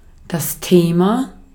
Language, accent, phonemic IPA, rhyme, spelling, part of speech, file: German, Austria, /ˈteːma/, -eːma, Thema, noun, De-at-Thema.ogg
- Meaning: 1. topic, subject, issue 2. theme 3. theme (stem of an inflected word)